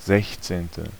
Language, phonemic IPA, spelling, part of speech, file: German, /ˈzɛçtseːntə/, sechzehnte, adjective, De-sechzehnte.ogg
- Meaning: sixteenth